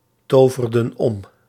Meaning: inflection of omtoveren: 1. plural past indicative 2. plural past subjunctive
- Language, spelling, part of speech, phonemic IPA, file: Dutch, toverden om, verb, /ˈtovərdə(n) ˈɔm/, Nl-toverden om.ogg